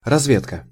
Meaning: 1. reconnaissance, intelligence 2. scouting, exploration
- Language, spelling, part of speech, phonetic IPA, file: Russian, разведка, noun, [rɐzˈvʲetkə], Ru-разведка.ogg